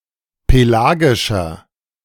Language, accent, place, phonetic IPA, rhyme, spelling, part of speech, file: German, Germany, Berlin, [peˈlaːɡɪʃɐ], -aːɡɪʃɐ, pelagischer, adjective, De-pelagischer.ogg
- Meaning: inflection of pelagisch: 1. strong/mixed nominative masculine singular 2. strong genitive/dative feminine singular 3. strong genitive plural